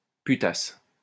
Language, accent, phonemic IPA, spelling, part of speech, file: French, France, /py.tas/, putasse, noun, LL-Q150 (fra)-putasse.wav
- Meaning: slut, whore